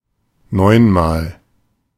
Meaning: nine times
- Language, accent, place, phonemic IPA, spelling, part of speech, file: German, Germany, Berlin, /ˈnɔɪ̯nmaːl/, neunmal, adverb, De-neunmal.ogg